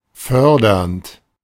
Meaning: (verb) present participle of fördern; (adjective) 1. promoting, furthering, fostering 2. promotional 3. patronizing
- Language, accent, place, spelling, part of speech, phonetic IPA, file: German, Germany, Berlin, fördernd, verb, [ˈfœʁdɐnt], De-fördernd.ogg